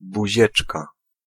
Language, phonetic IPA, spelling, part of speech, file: Polish, [buˈʑɛt͡ʃka], buzieczka, noun, Pl-buzieczka.ogg